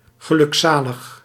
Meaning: overjoyed, blissful
- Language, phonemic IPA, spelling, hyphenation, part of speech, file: Dutch, /ɣəˌlʏkˈsaːləx/, gelukzalig, ge‧luk‧za‧lig, adjective, Nl-gelukzalig.ogg